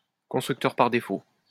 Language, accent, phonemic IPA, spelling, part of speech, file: French, France, /kɔ̃s.tʁyk.tœʁ paʁ de.fo/, constructeur par défaut, noun, LL-Q150 (fra)-constructeur par défaut.wav
- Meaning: empty constructor